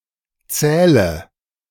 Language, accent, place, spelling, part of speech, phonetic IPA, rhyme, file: German, Germany, Berlin, zähle, verb, [ˈt͡sɛːlə], -ɛːlə, De-zähle.ogg
- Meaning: inflection of zählen: 1. first-person singular present 2. first/third-person singular subjunctive I 3. singular imperative